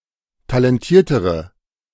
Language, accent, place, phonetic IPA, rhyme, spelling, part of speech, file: German, Germany, Berlin, [talɛnˈtiːɐ̯təʁə], -iːɐ̯təʁə, talentiertere, adjective, De-talentiertere.ogg
- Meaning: inflection of talentiert: 1. strong/mixed nominative/accusative feminine singular comparative degree 2. strong nominative/accusative plural comparative degree